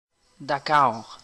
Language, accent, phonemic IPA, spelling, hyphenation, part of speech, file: French, Canada, /da.kɑɔ̯ʁ/, d'accord, d'a‧ccord, adverb / interjection, Qc-d'accord.ogg
- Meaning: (adverb) in agreement; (interjection) sure!, OK!, of course!, naturally!